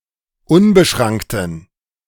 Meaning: inflection of unbeschrankt: 1. strong genitive masculine/neuter singular 2. weak/mixed genitive/dative all-gender singular 3. strong/weak/mixed accusative masculine singular 4. strong dative plural
- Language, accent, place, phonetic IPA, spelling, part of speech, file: German, Germany, Berlin, [ˈʊnbəˌʃʁaŋktn̩], unbeschrankten, adjective, De-unbeschrankten.ogg